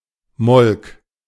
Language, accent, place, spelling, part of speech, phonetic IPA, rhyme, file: German, Germany, Berlin, molk, verb, [mɔlk], -ɔlk, De-molk.ogg
- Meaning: first/third-person singular preterite of melken